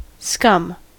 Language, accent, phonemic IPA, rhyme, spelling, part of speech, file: English, US, /skʌm/, -ʌm, scum, noun / verb, En-us-scum.ogg
- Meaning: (noun) A layer of impurities that accumulates at the surface of a liquid (especially molten metal or water)